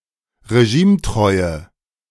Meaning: inflection of regimetreu: 1. strong/mixed nominative/accusative feminine singular 2. strong nominative/accusative plural 3. weak nominative all-gender singular
- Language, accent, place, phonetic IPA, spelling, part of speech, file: German, Germany, Berlin, [ʁeˈʒiːmˌtʁɔɪ̯ə], regimetreue, adjective, De-regimetreue.ogg